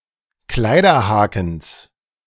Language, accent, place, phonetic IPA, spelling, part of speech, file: German, Germany, Berlin, [ˈklaɪ̯dɐˌhaːkn̩s], Kleiderhakens, noun, De-Kleiderhakens.ogg
- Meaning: genitive singular of Kleiderhaken